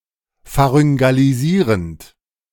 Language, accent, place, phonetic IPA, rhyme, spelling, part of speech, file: German, Germany, Berlin, [faʁʏŋɡaliˈziːʁənt], -iːʁənt, pharyngalisierend, verb, De-pharyngalisierend.ogg
- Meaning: present participle of pharyngalisieren